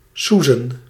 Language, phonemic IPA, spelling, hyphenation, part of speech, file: Dutch, /ˈsu.zə(n)/, soezen, soe‧zen, verb / noun, Nl-soezen.ogg
- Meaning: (verb) to doze, to drowse, to nap; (noun) plural of soes